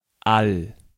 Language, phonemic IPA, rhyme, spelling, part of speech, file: German, /al/, -al, all, determiner, De-all.ogg
- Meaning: 1. all 2. every (in time intervals, with plural noun)